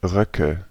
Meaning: nominative/accusative/genitive plural of Rock
- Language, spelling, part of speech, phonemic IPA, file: German, Röcke, noun, /ˈʁœkə/, De-Röcke.ogg